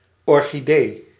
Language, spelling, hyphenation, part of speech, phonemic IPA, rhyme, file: Dutch, orchidee, or‧chi‧dee, noun, /ˌɔr.xiˈdeː/, -eː, Nl-orchidee.ogg
- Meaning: synonym of orchis